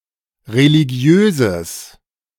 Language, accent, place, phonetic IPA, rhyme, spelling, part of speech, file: German, Germany, Berlin, [ʁeliˈɡi̯øːzəs], -øːzəs, religiöses, adjective, De-religiöses.ogg
- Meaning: strong/mixed nominative/accusative neuter singular of religiös